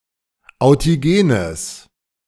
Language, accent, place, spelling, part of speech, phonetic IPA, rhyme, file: German, Germany, Berlin, authigenes, adjective, [aʊ̯tiˈɡeːnəs], -eːnəs, De-authigenes.ogg
- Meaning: strong/mixed nominative/accusative neuter singular of authigen